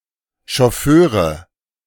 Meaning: nominative genitive accusative masculine plural of Chauffeur
- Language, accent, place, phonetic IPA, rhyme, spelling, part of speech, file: German, Germany, Berlin, [ʃɔˈføːʁə], -øːʁə, Chauffeure, noun, De-Chauffeure.ogg